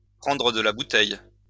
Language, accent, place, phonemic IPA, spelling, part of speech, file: French, France, Lyon, /pʁɑ̃.dʁə d(ə) la bu.tɛj/, prendre de la bouteille, verb, LL-Q150 (fra)-prendre de la bouteille.wav
- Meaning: to cut one's eyeteeth, to get older and wiser (to gain experience and become worldly-wise)